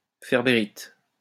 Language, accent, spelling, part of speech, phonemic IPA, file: French, France, ferbérite, noun, /fɛʁ.be.ʁit/, LL-Q150 (fra)-ferbérite.wav
- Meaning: ferberite